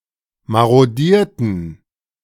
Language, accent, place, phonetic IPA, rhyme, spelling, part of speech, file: German, Germany, Berlin, [ˌmaʁoˈdiːɐ̯tn̩], -iːɐ̯tn̩, marodierten, verb, De-marodierten.ogg
- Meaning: inflection of marodieren: 1. first/third-person plural preterite 2. first/third-person plural subjunctive II